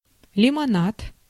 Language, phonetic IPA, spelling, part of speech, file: Russian, [lʲɪmɐˈnat], лимонад, noun, Ru-лимонад.ogg
- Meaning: 1. lemonade 2. soda pop